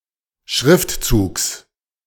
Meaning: genitive singular of Schriftzug
- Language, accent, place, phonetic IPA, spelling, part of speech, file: German, Germany, Berlin, [ˈʃʁɪftˌt͡suːks], Schriftzugs, noun, De-Schriftzugs.ogg